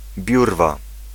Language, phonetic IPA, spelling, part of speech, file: Polish, [ˈbʲjurva], biurwa, noun, Pl-biurwa.ogg